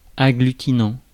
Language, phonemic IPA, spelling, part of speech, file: French, /a.ɡly.ti.nɑ̃/, agglutinant, verb / adjective, Fr-agglutinant.ogg
- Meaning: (verb) present participle of agglutiner; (adjective) agglutinative (sticky)